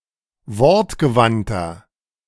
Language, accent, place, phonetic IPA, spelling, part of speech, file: German, Germany, Berlin, [ˈvɔʁtɡəˌvantɐ], wortgewandter, adjective, De-wortgewandter.ogg
- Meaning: 1. comparative degree of wortgewandt 2. inflection of wortgewandt: strong/mixed nominative masculine singular 3. inflection of wortgewandt: strong genitive/dative feminine singular